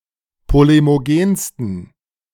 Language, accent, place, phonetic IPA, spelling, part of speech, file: German, Germany, Berlin, [ˌpolemoˈɡeːnstn̩], polemogensten, adjective, De-polemogensten.ogg
- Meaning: 1. superlative degree of polemogen 2. inflection of polemogen: strong genitive masculine/neuter singular superlative degree